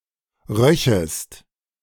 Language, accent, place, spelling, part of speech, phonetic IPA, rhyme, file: German, Germany, Berlin, röchest, verb, [ˈʁœçəst], -œçəst, De-röchest.ogg
- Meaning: second-person singular subjunctive II of riechen